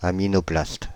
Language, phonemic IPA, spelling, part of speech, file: French, /a.mi.nɔ.plast/, aminoplaste, noun, Fr-aminoplaste.ogg
- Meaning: aminoplastic